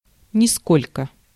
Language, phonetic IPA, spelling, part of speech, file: Russian, [nʲɪˈskolʲkə], нисколько, adverb, Ru-нисколько.ogg
- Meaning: not in the least, not at all, none at all (of quantity)